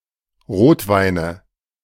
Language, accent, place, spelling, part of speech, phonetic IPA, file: German, Germany, Berlin, Rotweine, noun, [ˈʁoːtˌvaɪ̯nə], De-Rotweine.ogg
- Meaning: nominative/accusative/genitive plural of Rotwein